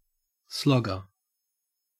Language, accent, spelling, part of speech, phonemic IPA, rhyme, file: English, Australia, slogger, noun, /ˈslɒɡə(ɹ)/, -ɒɡə(ɹ), En-au-slogger.ogg
- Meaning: 1. A cricketer who attempts to score runs fast by attacking every ball that can be hit 2. One who hits hard; a slugger 3. An inferior racing boat